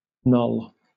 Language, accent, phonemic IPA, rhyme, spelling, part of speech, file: English, Southern England, /nɒl/, -ɒl, noll, noun, LL-Q1860 (eng)-noll.wav
- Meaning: The head, especially the top of the head